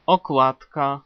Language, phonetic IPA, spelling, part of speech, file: Polish, [ɔˈkwatka], okładka, noun, Pl-okładka.ogg